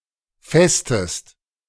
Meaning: inflection of festen: 1. second-person singular present 2. second-person singular subjunctive I
- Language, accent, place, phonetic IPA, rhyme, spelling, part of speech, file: German, Germany, Berlin, [ˈfɛstəst], -ɛstəst, festest, verb, De-festest.ogg